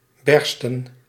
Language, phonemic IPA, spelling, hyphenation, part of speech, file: Dutch, /ˈbɛrstə(n)/, bersten, ber‧sten, verb, Nl-bersten.ogg
- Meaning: obsolete form of barsten